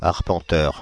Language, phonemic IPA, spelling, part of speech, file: French, /aʁ.pɑ̃.tœʁ/, arpenteur, noun / adjective, Fr-arpenteur.ogg
- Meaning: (noun) surveyor; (adjective) surveying